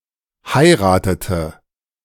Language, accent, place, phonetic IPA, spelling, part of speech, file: German, Germany, Berlin, [ˈhaɪ̯ʁaːtətə], heiratete, verb, De-heiratete.ogg
- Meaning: inflection of heiraten: 1. first/third-person singular preterite 2. first/third-person singular subjunctive II